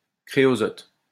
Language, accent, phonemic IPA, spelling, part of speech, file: French, France, /kʁe.ɔ.zɔt/, créosote, noun, LL-Q150 (fra)-créosote.wav
- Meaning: creosote